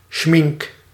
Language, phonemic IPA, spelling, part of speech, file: Dutch, /ˈʃmɪŋk/, schmink, noun, Nl-schmink.ogg
- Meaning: face paint